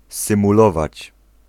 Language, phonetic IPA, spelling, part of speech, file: Polish, [ˌsɨ̃muˈlɔvat͡ɕ], symulować, verb, Pl-symulować.ogg